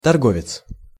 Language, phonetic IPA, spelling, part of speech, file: Russian, [tɐrˈɡovʲɪt͡s], торговец, noun, Ru-торговец.ogg
- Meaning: merchant, salesman, retailer, trader, dealer (person who traffics in commodities)